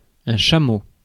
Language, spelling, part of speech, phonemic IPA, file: French, chameau, noun, /ʃa.mo/, Fr-chameau.ogg
- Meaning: camel